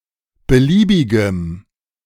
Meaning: strong dative masculine/neuter singular of beliebig
- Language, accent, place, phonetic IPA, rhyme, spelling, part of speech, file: German, Germany, Berlin, [bəˈliːbɪɡəm], -iːbɪɡəm, beliebigem, adjective, De-beliebigem.ogg